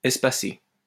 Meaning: to space out, to allow gaps or intervals between
- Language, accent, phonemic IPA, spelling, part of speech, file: French, France, /ɛs.pa.se/, espacer, verb, LL-Q150 (fra)-espacer.wav